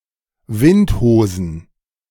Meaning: plural of Windhose
- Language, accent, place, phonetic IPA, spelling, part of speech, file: German, Germany, Berlin, [ˈvɪntˌhoːzn̩], Windhosen, noun, De-Windhosen.ogg